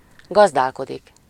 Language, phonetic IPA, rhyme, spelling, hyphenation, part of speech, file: Hungarian, [ˈɡɒzdaːlkodik], -odik, gazdálkodik, gaz‧dál‧ko‧dik, verb, Hu-gazdálkodik.ogg
- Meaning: 1. to farm (to run a farm, to have a farm) 2. to keep house (manage a household) 3. to manage (money, time, etc.)